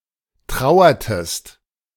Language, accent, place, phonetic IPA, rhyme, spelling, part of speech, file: German, Germany, Berlin, [ˈtʁaʊ̯ɐtəst], -aʊ̯ɐtəst, trauertest, verb, De-trauertest.ogg
- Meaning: inflection of trauern: 1. second-person singular preterite 2. second-person singular subjunctive II